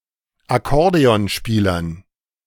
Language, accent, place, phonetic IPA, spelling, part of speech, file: German, Germany, Berlin, [aˈkɔʁdeɔnˌʃpiːlɐn], Akkordeonspielern, noun, De-Akkordeonspielern.ogg
- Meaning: dative plural of Akkordeonspieler